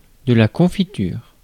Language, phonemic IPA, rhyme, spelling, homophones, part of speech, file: French, /kɔ̃.fi.tyʁ/, -yʁ, confiture, confitures, noun, Fr-confiture.ogg
- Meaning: 1. jam (UK), jelly (US) 2. preserve